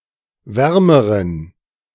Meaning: inflection of warm: 1. strong genitive masculine/neuter singular comparative degree 2. weak/mixed genitive/dative all-gender singular comparative degree
- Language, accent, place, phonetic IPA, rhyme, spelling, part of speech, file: German, Germany, Berlin, [ˈvɛʁməʁən], -ɛʁməʁən, wärmeren, adjective, De-wärmeren.ogg